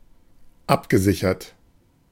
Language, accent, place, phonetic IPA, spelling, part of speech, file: German, Germany, Berlin, [ˈapɡəˌzɪçɐt], abgesichert, adjective / verb, De-abgesichert.ogg
- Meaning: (verb) past participle of absichern; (adjective) secured, protected